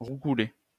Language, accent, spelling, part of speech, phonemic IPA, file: French, France, roucouler, verb, /ʁu.ku.le/, LL-Q150 (fra)-roucouler.wav
- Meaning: to coo (make a soft murmuring sound, as a pigeon)